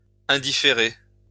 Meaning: to leave indifferent
- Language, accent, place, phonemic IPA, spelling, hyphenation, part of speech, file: French, France, Lyon, /ɛ̃.di.fe.ʁe/, indifférer, in‧dif‧fé‧rer, verb, LL-Q150 (fra)-indifférer.wav